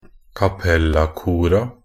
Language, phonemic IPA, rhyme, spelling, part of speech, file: Norwegian Bokmål, /kaˈpɛlːakuːra/, -uːra, cappella-kora, noun, Nb-cappella-kora.ogg
- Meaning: definite plural of cappella-kor